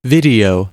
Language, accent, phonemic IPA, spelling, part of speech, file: English, US, /ˈvɪd.i.oʊ/, video, noun / verb, En-us-video.ogg
- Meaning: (noun) Transient visual content or media, processed with technology, especially electronic